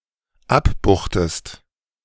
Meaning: inflection of abbuchen: 1. second-person singular dependent preterite 2. second-person singular dependent subjunctive II
- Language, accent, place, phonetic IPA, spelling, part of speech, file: German, Germany, Berlin, [ˈapˌbuːxtəst], abbuchtest, verb, De-abbuchtest.ogg